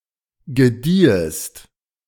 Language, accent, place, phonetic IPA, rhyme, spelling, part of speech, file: German, Germany, Berlin, [ɡəˈdiːəst], -iːəst, gediehest, verb, De-gediehest.ogg
- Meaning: second-person singular subjunctive II of gedeihen